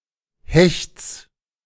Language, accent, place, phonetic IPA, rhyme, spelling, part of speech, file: German, Germany, Berlin, [hɛçt͡s], -ɛçt͡s, Hechts, noun, De-Hechts.ogg
- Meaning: genitive singular of Hecht